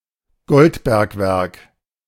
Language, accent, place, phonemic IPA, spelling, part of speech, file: German, Germany, Berlin, /ˈɡɔltˌbɛɐ̯kvɛɐ̯k/, Goldbergwerk, noun, De-Goldbergwerk.ogg
- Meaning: gold mine